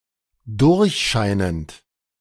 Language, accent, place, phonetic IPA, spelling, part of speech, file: German, Germany, Berlin, [ˈdʊʁçˌʃaɪ̯nənt], durchscheinend, verb, De-durchscheinend.ogg
- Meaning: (verb) present participle of durchscheinen; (adjective) transparent, translucent